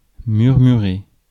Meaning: to murmur
- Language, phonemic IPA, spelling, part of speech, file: French, /myʁ.my.ʁe/, murmurer, verb, Fr-murmurer.ogg